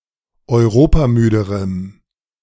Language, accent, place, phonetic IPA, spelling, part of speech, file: German, Germany, Berlin, [ɔɪ̯ˈʁoːpaˌmyːdəʁəm], europamüderem, adjective, De-europamüderem.ogg
- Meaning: strong dative masculine/neuter singular comparative degree of europamüde